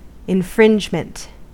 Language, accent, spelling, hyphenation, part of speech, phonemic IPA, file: English, US, infringement, in‧fringe‧ment, noun, /ɪnˈfɹɪnd͡ʒmənt/, En-us-infringement.ogg
- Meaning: 1. A violation or breach, as of a law 2. An encroachment on a right, a person, a territory, or a property